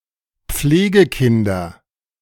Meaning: nominative/accusative/genitive plural of Pflegekind
- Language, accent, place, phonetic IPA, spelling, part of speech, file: German, Germany, Berlin, [ˈp͡fleːɡəˌkɪndɐ], Pflegekinder, noun, De-Pflegekinder.ogg